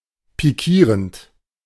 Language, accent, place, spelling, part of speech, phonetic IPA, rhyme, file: German, Germany, Berlin, pikierend, verb, [piˈkiːʁənt], -iːʁənt, De-pikierend.ogg
- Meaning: present participle of pikieren